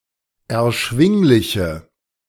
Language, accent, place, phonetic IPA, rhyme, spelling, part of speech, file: German, Germany, Berlin, [ɛɐ̯ˈʃvɪŋlɪçə], -ɪŋlɪçə, erschwingliche, adjective, De-erschwingliche.ogg
- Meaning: inflection of erschwinglich: 1. strong/mixed nominative/accusative feminine singular 2. strong nominative/accusative plural 3. weak nominative all-gender singular